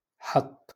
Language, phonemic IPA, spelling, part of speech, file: Moroccan Arabic, /ħatˤː/, حط, verb, LL-Q56426 (ary)-حط.wav
- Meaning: to put